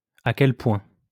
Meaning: how much (to what point, to what extent)
- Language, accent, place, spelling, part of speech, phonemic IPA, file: French, France, Lyon, à quel point, adverb, /a kɛl pwɛ̃/, LL-Q150 (fra)-à quel point.wav